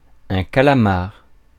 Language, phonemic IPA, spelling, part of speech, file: French, /ka.la.maʁ/, calamar, noun, Fr-calamar.ogg
- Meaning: squid